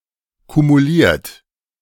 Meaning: past participle of kumulieren
- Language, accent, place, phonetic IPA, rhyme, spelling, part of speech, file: German, Germany, Berlin, [kumuˈliːɐ̯t], -iːɐ̯t, kumuliert, verb, De-kumuliert.ogg